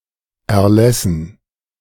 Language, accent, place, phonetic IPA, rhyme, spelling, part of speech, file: German, Germany, Berlin, [ɛɐ̯ˈlɛsn̩], -ɛsn̩, Erlässen, noun, De-Erlässen.ogg
- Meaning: dative plural of Erlass